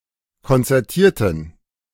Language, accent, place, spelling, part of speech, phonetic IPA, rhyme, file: German, Germany, Berlin, konzertierten, adjective / verb, [kɔnt͡sɛʁˈtiːɐ̯tn̩], -iːɐ̯tn̩, De-konzertierten.ogg
- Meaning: inflection of konzertiert: 1. strong genitive masculine/neuter singular 2. weak/mixed genitive/dative all-gender singular 3. strong/weak/mixed accusative masculine singular 4. strong dative plural